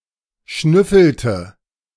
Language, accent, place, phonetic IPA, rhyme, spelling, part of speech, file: German, Germany, Berlin, [ˈʃnʏfl̩tə], -ʏfl̩tə, schnüffelte, verb, De-schnüffelte.ogg
- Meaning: inflection of schnüffeln: 1. first/third-person singular preterite 2. first/third-person singular subjunctive II